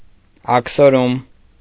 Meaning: exile, banishment
- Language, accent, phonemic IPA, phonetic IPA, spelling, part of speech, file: Armenian, Eastern Armenian, /ɑkʰsoˈɾum/, [ɑkʰsoɾúm], աքսորում, noun, Hy-աքսորում.ogg